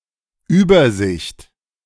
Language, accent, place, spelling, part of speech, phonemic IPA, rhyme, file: German, Germany, Berlin, Übersicht, noun, /ˈyːbɐˌzɪçt/, -ɪçt, De-Übersicht.ogg
- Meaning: 1. overview; bird's-eye view; big picture (view of the entirety, both literally and figuratively) 2. overview (brief summary)